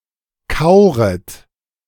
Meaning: second-person plural subjunctive I of kauern
- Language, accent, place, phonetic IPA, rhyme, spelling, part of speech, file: German, Germany, Berlin, [ˈkaʊ̯ʁət], -aʊ̯ʁət, kauret, verb, De-kauret.ogg